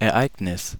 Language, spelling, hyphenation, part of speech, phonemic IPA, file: German, Ereignis, Er‧eig‧nis, noun, /ɛʁˈaɪ̯ɡnɪs/, De-Ereignis.ogg
- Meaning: event (occurrence of social or personal importance)